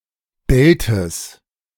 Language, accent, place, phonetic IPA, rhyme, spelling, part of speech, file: German, Germany, Berlin, [ˈbɛltəs], -ɛltəs, Beltes, noun, De-Beltes.ogg
- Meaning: genitive singular of Belt